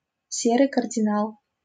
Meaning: éminence grise, power broker (person having the ability to influence important decisions, power behind the throne)
- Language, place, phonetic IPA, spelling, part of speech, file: Russian, Saint Petersburg, [ˈsʲerɨj kərdʲɪˈnaɫ], серый кардинал, noun, LL-Q7737 (rus)-серый кардинал.wav